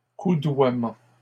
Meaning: plural of coudoiement
- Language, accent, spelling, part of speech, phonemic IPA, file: French, Canada, coudoiements, noun, /ku.dwa.mɑ̃/, LL-Q150 (fra)-coudoiements.wav